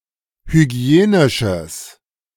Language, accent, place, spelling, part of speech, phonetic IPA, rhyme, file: German, Germany, Berlin, hygienisches, adjective, [hyˈɡi̯eːnɪʃəs], -eːnɪʃəs, De-hygienisches.ogg
- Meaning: strong/mixed nominative/accusative neuter singular of hygienisch